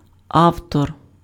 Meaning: author
- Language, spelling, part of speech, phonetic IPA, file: Ukrainian, автор, noun, [ˈau̯tɔr], Uk-автор.ogg